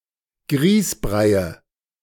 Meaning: nominative/accusative/genitive plural of Grießbrei
- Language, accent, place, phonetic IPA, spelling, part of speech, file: German, Germany, Berlin, [ˈɡʁiːsˌbʁaɪ̯ə], Grießbreie, noun, De-Grießbreie.ogg